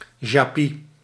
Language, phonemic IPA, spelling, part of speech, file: Dutch, /ˈʒaːpi/, jaspis, noun, Nl-jaspis.ogg
- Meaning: jasper (form of quartz)